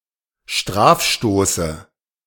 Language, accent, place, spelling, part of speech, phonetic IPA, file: German, Germany, Berlin, Strafstoße, noun, [ˈʃtʁaːfˌʃtoːsə], De-Strafstoße.ogg
- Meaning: dative of Strafstoß